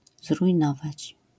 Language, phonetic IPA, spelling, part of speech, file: Polish, [zrujˈnɔvat͡ɕ], zrujnować, verb, LL-Q809 (pol)-zrujnować.wav